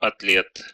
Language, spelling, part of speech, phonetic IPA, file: Russian, атлет, noun, [ɐtˈlʲet], Ru-атле́т.ogg
- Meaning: athlete (a person who actively participates in physical sports, possibly highly skilled in sports)